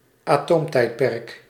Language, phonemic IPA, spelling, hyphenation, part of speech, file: Dutch, /aːˈtoːmˌtɛi̯t.pɛrk/, atoomtijdperk, atoom‧tijd‧perk, proper noun, Nl-atoomtijdperk.ogg
- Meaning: Atomic Age